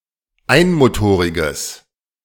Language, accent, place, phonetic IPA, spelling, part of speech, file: German, Germany, Berlin, [ˈaɪ̯nmoˌtoːʁɪɡəs], einmotoriges, adjective, De-einmotoriges.ogg
- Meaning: strong/mixed nominative/accusative neuter singular of einmotorig